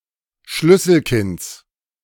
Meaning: genitive of Schlüsselkind
- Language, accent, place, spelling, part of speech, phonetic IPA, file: German, Germany, Berlin, Schlüsselkinds, noun, [ˈʃlʏsl̩ˌkɪnt͡s], De-Schlüsselkinds.ogg